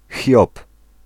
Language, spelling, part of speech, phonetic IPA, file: Polish, Hiob, proper noun, [xʲjɔp], Pl-Hiob.ogg